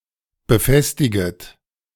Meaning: second-person plural subjunctive I of befestigen
- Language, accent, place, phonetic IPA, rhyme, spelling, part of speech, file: German, Germany, Berlin, [bəˈfɛstɪɡət], -ɛstɪɡət, befestiget, verb, De-befestiget.ogg